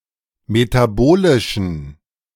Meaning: inflection of metabolisch: 1. strong genitive masculine/neuter singular 2. weak/mixed genitive/dative all-gender singular 3. strong/weak/mixed accusative masculine singular 4. strong dative plural
- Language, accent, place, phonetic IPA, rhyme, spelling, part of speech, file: German, Germany, Berlin, [metaˈboːlɪʃn̩], -oːlɪʃn̩, metabolischen, adjective, De-metabolischen.ogg